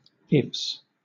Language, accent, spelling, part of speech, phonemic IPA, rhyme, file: English, Southern England, ifs, noun, /ɪfs/, -ɪfs, LL-Q1860 (eng)-ifs.wav
- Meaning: plural of if